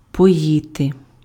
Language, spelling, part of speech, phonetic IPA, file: Ukrainian, поїти, verb, [pɔˈjite], Uk-поїти.ogg
- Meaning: to water, to give to drink